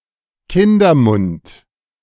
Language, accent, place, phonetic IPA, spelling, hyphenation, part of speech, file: German, Germany, Berlin, [ˈkɪndɐˌmʊnt], Kindermund, Kin‧der‧mund, noun, De-Kindermund.ogg
- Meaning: child's mouth